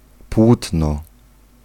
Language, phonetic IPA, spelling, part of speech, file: Polish, [ˈpwutnɔ], płótno, noun, Pl-płótno.ogg